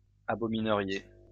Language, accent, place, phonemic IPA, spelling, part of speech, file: French, France, Lyon, /a.bɔ.mi.nə.ʁje/, abomineriez, verb, LL-Q150 (fra)-abomineriez.wav
- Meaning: second-person plural conditional of abominer